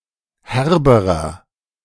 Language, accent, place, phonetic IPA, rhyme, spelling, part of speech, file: German, Germany, Berlin, [ˈhɛʁbəʁɐ], -ɛʁbəʁɐ, herberer, adjective, De-herberer.ogg
- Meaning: inflection of herb: 1. strong/mixed nominative masculine singular comparative degree 2. strong genitive/dative feminine singular comparative degree 3. strong genitive plural comparative degree